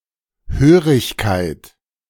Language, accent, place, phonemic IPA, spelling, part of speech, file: German, Germany, Berlin, /ˈhøːʁɪçkaɪ̯t/, Hörigkeit, noun, De-Hörigkeit.ogg
- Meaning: 1. serfdom 2. dependence; submission